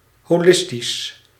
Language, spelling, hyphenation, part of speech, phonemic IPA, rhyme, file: Dutch, holistisch, ho‧lis‧tisch, adjective, /ˌɦoːˈlɪs.tis/, -ɪstis, Nl-holistisch.ogg
- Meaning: holistic